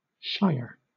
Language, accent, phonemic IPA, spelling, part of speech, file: English, Southern England, /ʃaɪə/, shire, noun / verb, LL-Q1860 (eng)-shire.wav